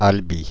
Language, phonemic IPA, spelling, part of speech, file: French, /al.bi/, Albi, proper noun, Fr-Albi.ogg
- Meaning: Albi (a town and commune, the prefecture of Tarn department, Occitania, in southern France)